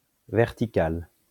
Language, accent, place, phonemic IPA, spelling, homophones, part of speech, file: French, France, Lyon, /vɛʁ.ti.kal/, verticale, vertical / verticales, adjective / noun, LL-Q150 (fra)-verticale.wav
- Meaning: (adjective) feminine singular of vertical; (noun) vertical